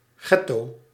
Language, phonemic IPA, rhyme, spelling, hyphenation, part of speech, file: Dutch, /ˈɡɛ.toː/, -ɛtoː, getto, get‧to, noun, Nl-getto.ogg
- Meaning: ghetto